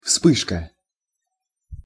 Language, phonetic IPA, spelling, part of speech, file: Russian, [ˈfspɨʂkə], вспышка, noun, Ru-вспышка.ogg
- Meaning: 1. flash 2. outbreak